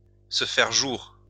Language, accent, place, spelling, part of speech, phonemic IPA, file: French, France, Lyon, se faire jour, verb, /sə fɛʁ ʒuʁ/, LL-Q150 (fra)-se faire jour.wav
- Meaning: to surface, to emerge